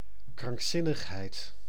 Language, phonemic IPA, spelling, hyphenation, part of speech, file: Dutch, /krɑŋkˈsɪnəxhɛɪt/, krankzinnigheid, krank‧zin‧nig‧heid, noun, Nl-krankzinnigheid.ogg
- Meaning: 1. insanity, madness, serious psychiatric condition 2. grave foolishness, idiocy, a mad stunt